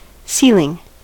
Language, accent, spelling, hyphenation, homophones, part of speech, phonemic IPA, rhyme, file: English, General American, ceiling, ceil‧ing, sealing, noun / verb, /ˈsilɪŋ/, -iːlɪŋ, En-us-ceiling.ogg
- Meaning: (noun) 1. The overhead closure of a room 2. The upper limit of an object or action 3. The highest altitude at which an aircraft can safely maintain flight